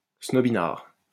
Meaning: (adjective) snobby, snobbish; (noun) a snob
- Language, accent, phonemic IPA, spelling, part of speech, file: French, France, /snɔ.bi.naʁ/, snobinard, adjective / noun, LL-Q150 (fra)-snobinard.wav